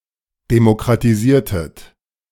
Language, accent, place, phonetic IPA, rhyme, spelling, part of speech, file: German, Germany, Berlin, [demokʁatiˈziːɐ̯tət], -iːɐ̯tət, demokratisiertet, verb, De-demokratisiertet.ogg
- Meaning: inflection of demokratisieren: 1. second-person plural preterite 2. second-person plural subjunctive II